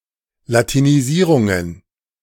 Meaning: plural of Latinisierung
- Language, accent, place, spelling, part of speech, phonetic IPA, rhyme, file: German, Germany, Berlin, Latinisierungen, noun, [latiniˈziːʁʊŋən], -iːʁʊŋən, De-Latinisierungen.ogg